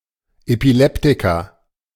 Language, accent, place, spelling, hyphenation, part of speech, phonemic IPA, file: German, Germany, Berlin, Epileptiker, Epi‧lep‧ti‧ker, noun, /epiˈlɛptɪkɐ/, De-Epileptiker.ogg
- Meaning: epileptic (person suffering from epilepsy)